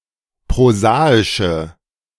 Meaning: inflection of prosaisch: 1. strong/mixed nominative/accusative feminine singular 2. strong nominative/accusative plural 3. weak nominative all-gender singular
- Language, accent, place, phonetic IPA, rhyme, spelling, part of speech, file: German, Germany, Berlin, [pʁoˈzaːɪʃə], -aːɪʃə, prosaische, adjective, De-prosaische.ogg